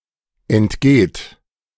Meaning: inflection of entgehen: 1. third-person singular present 2. second-person plural present 3. plural imperative
- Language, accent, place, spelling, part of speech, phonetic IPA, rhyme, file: German, Germany, Berlin, entgeht, verb, [ɛntˈɡeːt], -eːt, De-entgeht.ogg